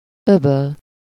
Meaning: gulf, bay
- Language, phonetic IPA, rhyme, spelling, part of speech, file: Hungarian, [ˈøbøl], -øl, öböl, noun, Hu-öböl.ogg